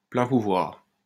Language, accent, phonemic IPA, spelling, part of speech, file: French, France, /plɛ̃ pu.vwaʁ/, pleins pouvoirs, noun, LL-Q150 (fra)-pleins pouvoirs.wav
- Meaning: full powers; power of attorney